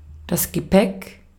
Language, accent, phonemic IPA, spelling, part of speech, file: German, Austria, /ɡəˈpɛk/, Gepäck, noun, De-at-Gepäck.ogg
- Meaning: luggage, baggage